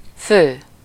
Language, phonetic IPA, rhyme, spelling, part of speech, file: Hungarian, [ˈføː], -føː, fő, adjective / noun / verb, Hu-fő.ogg
- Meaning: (adjective) main, principal, key, chief, cardinal, core, most important; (noun) 1. head 2. head(s), person(s), capita (counter for people) 3. the main thing